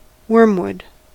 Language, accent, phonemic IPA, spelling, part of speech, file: English, US, /ˈwɚm.wʊd/, wormwood, noun, En-us-wormwood.ogg
- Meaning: An intensely bitter herb (Artemisia absinthium and similar plants in genus Artemisia) used in medicine, in the production of absinthe and vermouth, and as a tonic